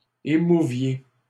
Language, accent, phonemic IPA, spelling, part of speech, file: French, Canada, /e.mu.vje/, émouviez, verb, LL-Q150 (fra)-émouviez.wav
- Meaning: inflection of émouvoir: 1. second-person plural imperfect indicative 2. second-person plural present subjunctive